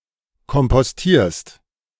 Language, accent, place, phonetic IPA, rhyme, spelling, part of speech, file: German, Germany, Berlin, [kɔmpɔsˈtiːɐ̯st], -iːɐ̯st, kompostierst, verb, De-kompostierst.ogg
- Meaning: second-person singular present of kompostieren